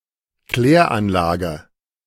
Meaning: wastewater treatment plant
- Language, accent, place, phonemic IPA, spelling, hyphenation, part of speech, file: German, Germany, Berlin, /ˈklɛːɐ̯ˌʔanlaːɡə/, Kläranlage, Klär‧an‧la‧ge, noun, De-Kläranlage.ogg